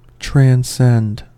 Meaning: 1. To pass beyond the limits of something 2. To surpass, as in intensity or power; to excel 3. To climb; to mount
- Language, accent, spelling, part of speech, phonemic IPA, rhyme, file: English, US, transcend, verb, /tɹæn(t)ˈsɛnd/, -ɛnd, En-us-transcend.ogg